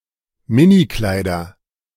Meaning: nominative/accusative/genitive plural of Minikleid
- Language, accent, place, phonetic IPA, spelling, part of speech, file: German, Germany, Berlin, [ˈmɪniˌklaɪ̯dɐ], Minikleider, noun, De-Minikleider.ogg